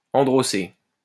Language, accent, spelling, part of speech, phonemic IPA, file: French, France, androcée, noun, /ɑ̃.dʁɔ.se/, LL-Q150 (fra)-androcée.wav
- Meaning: androecium